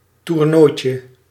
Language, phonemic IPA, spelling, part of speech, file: Dutch, /turˈnojcə/, toernooitje, noun, Nl-toernooitje.ogg
- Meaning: diminutive of toernooi